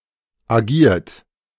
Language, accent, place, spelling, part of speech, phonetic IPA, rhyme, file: German, Germany, Berlin, agiert, verb, [aˈɡiːɐ̯t], -iːɐ̯t, De-agiert.ogg
- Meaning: 1. past participle of agieren 2. inflection of agieren: third-person singular present 3. inflection of agieren: second-person plural present 4. inflection of agieren: plural imperative